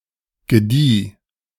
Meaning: first/third-person singular preterite of gedeihen
- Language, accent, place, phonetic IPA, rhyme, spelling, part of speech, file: German, Germany, Berlin, [ɡəˈdiː], -iː, gedieh, verb, De-gedieh.ogg